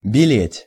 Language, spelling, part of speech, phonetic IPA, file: Russian, белеть, verb, [bʲɪˈlʲetʲ], Ru-белеть.ogg
- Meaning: 1. to turn white, (intransitive) to whiten (inchoative deadjectival verb of бе́лый (bélyj), compare factitive бели́ть (belítʹ)) 2. to turn gray 3. to become brighter 4. to dawn